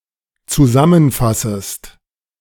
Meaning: second-person singular dependent subjunctive I of zusammenfassen
- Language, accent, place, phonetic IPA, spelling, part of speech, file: German, Germany, Berlin, [t͡suˈzamənˌfasəst], zusammenfassest, verb, De-zusammenfassest.ogg